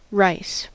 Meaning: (noun) 1. Cereal plants, Oryza sativa of the grass family whose seeds are used as food 2. A specific variety of this plant 3. The seeds of this plant used as food
- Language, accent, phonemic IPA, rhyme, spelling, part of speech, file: English, US, /ɹaɪs/, -aɪs, rice, noun / verb, En-us-rice.ogg